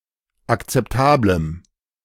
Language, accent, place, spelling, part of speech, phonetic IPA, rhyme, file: German, Germany, Berlin, akzeptablem, adjective, [akt͡sɛpˈtaːbləm], -aːbləm, De-akzeptablem.ogg
- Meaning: strong dative masculine/neuter singular of akzeptabel